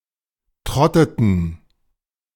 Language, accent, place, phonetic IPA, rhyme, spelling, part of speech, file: German, Germany, Berlin, [ˈtʁɔtətn̩], -ɔtətn̩, trotteten, verb, De-trotteten.ogg
- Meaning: inflection of trotten: 1. first/third-person plural preterite 2. first/third-person plural subjunctive II